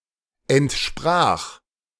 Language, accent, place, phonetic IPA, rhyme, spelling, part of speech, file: German, Germany, Berlin, [ɛntˈʃpʁaːx], -aːx, entsprach, verb, De-entsprach.ogg
- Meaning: 1. first-person singular past of entsprechen 2. third-person singular past of entsprechen